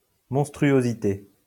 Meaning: monstrosity
- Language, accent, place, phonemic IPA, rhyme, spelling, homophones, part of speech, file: French, France, Lyon, /mɔ̃s.tʁy.o.zi.te/, -e, monstruosité, monstruosités, noun, LL-Q150 (fra)-monstruosité.wav